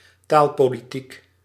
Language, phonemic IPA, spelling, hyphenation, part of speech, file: Dutch, /ˈtaːl.poː.liˌtik/, taalpolitiek, taal‧po‧li‧tiek, noun / adjective, Nl-taalpolitiek.ogg
- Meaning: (noun) language politics, language policy; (adjective) of or pertaining to language politics